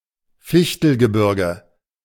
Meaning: Fichtel (mountains)
- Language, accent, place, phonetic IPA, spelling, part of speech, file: German, Germany, Berlin, [ˈfɪçtl̩ɡəˌbɪʁɡə], Fichtelgebirge, proper noun, De-Fichtelgebirge.ogg